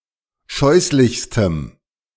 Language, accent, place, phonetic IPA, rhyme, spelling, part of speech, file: German, Germany, Berlin, [ˈʃɔɪ̯slɪçstəm], -ɔɪ̯slɪçstəm, scheußlichstem, adjective, De-scheußlichstem.ogg
- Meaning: strong dative masculine/neuter singular superlative degree of scheußlich